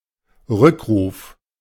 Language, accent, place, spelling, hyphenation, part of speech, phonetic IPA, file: German, Germany, Berlin, Rückruf, Rück‧ruf, noun, [ˈʁʏkˌʁuːf], De-Rückruf.ogg
- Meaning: 1. recall, callback 2. callback